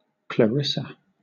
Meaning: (proper noun) A female given name from Latin or Italian; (noun) Synonym of Poor Clare: a nun of the Order of Saint Clare
- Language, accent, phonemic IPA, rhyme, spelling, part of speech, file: English, Southern England, /kləˈɹɪsə/, -ɪsə, Clarissa, proper noun / noun, LL-Q1860 (eng)-Clarissa.wav